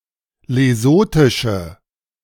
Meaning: inflection of lesothisch: 1. strong/mixed nominative/accusative feminine singular 2. strong nominative/accusative plural 3. weak nominative all-gender singular
- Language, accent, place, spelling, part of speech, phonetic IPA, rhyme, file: German, Germany, Berlin, lesothische, adjective, [leˈzoːtɪʃə], -oːtɪʃə, De-lesothische.ogg